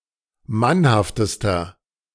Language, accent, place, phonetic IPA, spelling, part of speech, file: German, Germany, Berlin, [ˈmanhaftəstɐ], mannhaftester, adjective, De-mannhaftester.ogg
- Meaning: inflection of mannhaft: 1. strong/mixed nominative masculine singular superlative degree 2. strong genitive/dative feminine singular superlative degree 3. strong genitive plural superlative degree